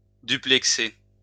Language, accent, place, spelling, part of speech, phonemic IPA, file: French, France, Lyon, duplexer, verb, /dy.plɛk.se/, LL-Q150 (fra)-duplexer.wav
- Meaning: to link two points (with cables, wires, etc.)